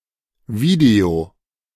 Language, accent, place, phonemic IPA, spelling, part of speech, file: German, Germany, Berlin, /ˈviːde̯o/, Video, noun, De-Video.ogg
- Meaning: video